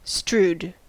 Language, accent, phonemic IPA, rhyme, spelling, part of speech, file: English, US, /stɹuːd/, -uːd, strewed, verb, En-us-strewed.ogg
- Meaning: 1. simple past of strew 2. past participle of strew